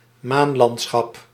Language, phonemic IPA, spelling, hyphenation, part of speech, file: Dutch, /ˈmaːnˌlɑnt.sxɑp/, maanlandschap, maan‧land‧schap, noun, Nl-maanlandschap.ogg
- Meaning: lunar landscape, moonscape